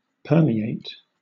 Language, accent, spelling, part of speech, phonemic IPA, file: English, Southern England, permeate, verb / noun, /ˈpɜːmiˌeɪt/, LL-Q1860 (eng)-permeate.wav
- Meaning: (verb) To pass through the pores or interstices of; to penetrate and pass through without causing rupture or displacement; applied especially to fluids which pass through substances of loose texture